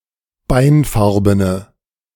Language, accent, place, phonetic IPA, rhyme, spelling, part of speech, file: German, Germany, Berlin, [ˈbaɪ̯nˌfaʁbənə], -aɪ̯nfaʁbənə, beinfarbene, adjective, De-beinfarbene.ogg
- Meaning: inflection of beinfarben: 1. strong/mixed nominative/accusative feminine singular 2. strong nominative/accusative plural 3. weak nominative all-gender singular